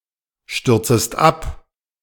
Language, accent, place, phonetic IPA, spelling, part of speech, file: German, Germany, Berlin, [ˌʃtʏʁt͡səst ˈap], stürzest ab, verb, De-stürzest ab.ogg
- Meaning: second-person singular subjunctive I of abstürzen